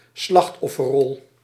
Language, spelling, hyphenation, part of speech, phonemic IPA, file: Dutch, slachtofferrol, slacht‧of‧fer‧rol, noun, /ˈslɑxt.ɔ.fə(r)ˌrɔl/, Nl-slachtofferrol.ogg
- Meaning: the role or position of a victim of (perceived) injustice